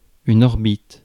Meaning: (noun) 1. orbit (path of one object around another) 2. eye socket; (verb) inflection of orbiter: 1. first/third-person singular present indicative/subjunctive 2. second-person singular imperative
- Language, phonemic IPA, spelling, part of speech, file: French, /ɔʁ.bit/, orbite, noun / verb, Fr-orbite.ogg